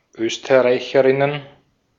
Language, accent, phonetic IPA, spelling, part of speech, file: German, Austria, [ˈøːstɐˌʁaɪ̯çəʁɪnən], Österreicherinnen, noun, De-at-Österreicherinnen.ogg
- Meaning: plural of Österreicherin